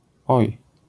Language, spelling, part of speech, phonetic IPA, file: Polish, oj, interjection, [ɔj], LL-Q809 (pol)-oj.wav